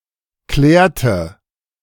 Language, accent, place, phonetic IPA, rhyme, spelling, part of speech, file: German, Germany, Berlin, [ˈklɛːɐ̯tə], -ɛːɐ̯tə, klärte, verb, De-klärte.ogg
- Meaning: inflection of klären: 1. first/third-person singular preterite 2. first/third-person singular subjunctive II